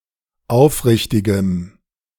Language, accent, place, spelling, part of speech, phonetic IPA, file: German, Germany, Berlin, aufrichtigem, adjective, [ˈaʊ̯fˌʁɪçtɪɡəm], De-aufrichtigem.ogg
- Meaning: strong dative masculine/neuter singular of aufrichtig